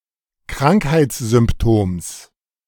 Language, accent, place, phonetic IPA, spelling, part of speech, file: German, Germany, Berlin, [ˈkʁaŋkhaɪ̯t͡sz̥ʏmpˌtoːms], Krankheitssymptoms, noun, De-Krankheitssymptoms.ogg
- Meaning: genitive singular of Krankheitssymptom